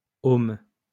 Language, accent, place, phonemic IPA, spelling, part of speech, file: French, France, Lyon, /om/, heaume, noun, LL-Q150 (fra)-heaume.wav
- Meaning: 1. a mediaeval military helmet protecting the head and face 2. any helmet